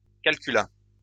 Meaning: third-person singular past historic of calculer
- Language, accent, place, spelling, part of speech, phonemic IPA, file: French, France, Lyon, calcula, verb, /kal.ky.la/, LL-Q150 (fra)-calcula.wav